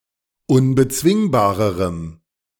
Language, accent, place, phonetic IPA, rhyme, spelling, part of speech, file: German, Germany, Berlin, [ʊnbəˈt͡svɪŋbaːʁəʁəm], -ɪŋbaːʁəʁəm, unbezwingbarerem, adjective, De-unbezwingbarerem.ogg
- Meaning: strong dative masculine/neuter singular comparative degree of unbezwingbar